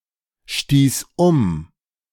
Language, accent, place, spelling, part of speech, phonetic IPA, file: German, Germany, Berlin, stieß um, verb, [ˌʃtiːs ˈʊm], De-stieß um.ogg
- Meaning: first/third-person singular preterite of umstoßen